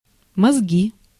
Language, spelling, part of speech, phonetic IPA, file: Russian, мозги, noun, [mɐzˈɡʲi], Ru-мозги.ogg
- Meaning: 1. brains (food) 2. brain, head, intelligence 3. nominative/accusative plural of мозг (mozg)